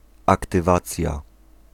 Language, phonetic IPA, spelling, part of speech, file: Polish, [ˌaktɨˈvat͡sʲja], aktywacja, noun, Pl-aktywacja.ogg